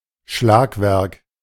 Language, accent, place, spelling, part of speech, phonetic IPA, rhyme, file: German, Germany, Berlin, Schlagwerk, noun, [ˈʃlaːkˌvɛʁk], -aːkvɛʁk, De-Schlagwerk.ogg
- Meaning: 1. striking mechanism (in a clock) 2. percussion